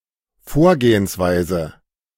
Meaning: 1. approach 2. procedure
- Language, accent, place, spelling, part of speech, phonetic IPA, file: German, Germany, Berlin, Vorgehensweise, noun, [ˈfoːɐ̯ɡeːənsˌvaɪ̯zə], De-Vorgehensweise.ogg